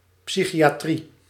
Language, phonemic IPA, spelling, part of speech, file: Dutch, /ˌpsi.xi.aːˈtri/, psychiatrie, noun, Nl-psychiatrie.ogg
- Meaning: psychiatry